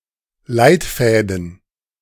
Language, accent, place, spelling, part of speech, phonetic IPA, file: German, Germany, Berlin, Leitfäden, noun, [ˈlaɪ̯tˌfɛːdn̩], De-Leitfäden.ogg
- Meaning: plural of Leitfaden